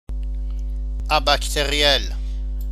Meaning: abacterial
- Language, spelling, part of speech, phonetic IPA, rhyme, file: German, abakteriell, adjective, [abaktəˈʁi̯ɛl], -ɛl, De-abakteriell.ogg